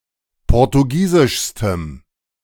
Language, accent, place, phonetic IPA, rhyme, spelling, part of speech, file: German, Germany, Berlin, [ˌpɔʁtuˈɡiːzɪʃstəm], -iːzɪʃstəm, portugiesischstem, adjective, De-portugiesischstem.ogg
- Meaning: strong dative masculine/neuter singular superlative degree of portugiesisch